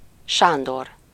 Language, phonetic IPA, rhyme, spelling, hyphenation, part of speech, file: Hungarian, [ˈʃaːndor], -or, Sándor, Sán‧dor, proper noun, Hu-Sándor.ogg
- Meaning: 1. a male given name, equivalent to English Alexander 2. a surname